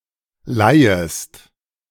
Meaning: second-person singular subjunctive I of leihen
- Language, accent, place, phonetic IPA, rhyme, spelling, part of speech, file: German, Germany, Berlin, [ˈlaɪ̯əst], -aɪ̯əst, leihest, verb, De-leihest.ogg